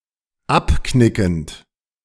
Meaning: present participle of abknicken
- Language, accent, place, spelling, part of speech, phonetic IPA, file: German, Germany, Berlin, abknickend, verb, [ˈapˌknɪkn̩t], De-abknickend.ogg